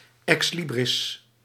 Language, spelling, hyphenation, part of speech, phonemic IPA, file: Dutch, ex libris, ex li‧bris, noun, /ˌɛksˈli.brɪs/, Nl-ex libris.ogg
- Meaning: ex libris (bookplate)